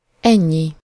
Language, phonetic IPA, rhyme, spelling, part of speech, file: Hungarian, [ˈɛɲːi], -ɲi, ennyi, pronoun, Hu-ennyi.ogg
- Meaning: this, this much, so much, so many